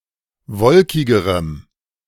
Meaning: strong dative masculine/neuter singular comparative degree of wolkig
- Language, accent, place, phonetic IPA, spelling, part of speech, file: German, Germany, Berlin, [ˈvɔlkɪɡəʁəm], wolkigerem, adjective, De-wolkigerem.ogg